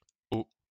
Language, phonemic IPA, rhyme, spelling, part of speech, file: French, /o/, -o, o, character / symbol, LL-Q150 (fra)-o.wav
- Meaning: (character) The fifteenth letter of the French alphabet, written in the Latin script; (symbol) octet (B (byte))